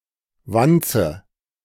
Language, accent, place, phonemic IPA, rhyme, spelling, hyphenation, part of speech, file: German, Germany, Berlin, /ˈvantsə/, -antsə, Wanze, Wan‧ze, noun, De-Wanze.ogg
- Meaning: 1. a heteropteran; an insect of the suborder Heteroptera, a bug (in the strictest sense) 2. bug, wire, wiretap